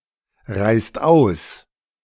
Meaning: inflection of ausreisen: 1. second-person singular/plural present 2. third-person singular present 3. plural imperative
- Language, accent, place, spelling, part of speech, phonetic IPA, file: German, Germany, Berlin, reist aus, verb, [ˌʁaɪ̯st ˈaʊ̯s], De-reist aus.ogg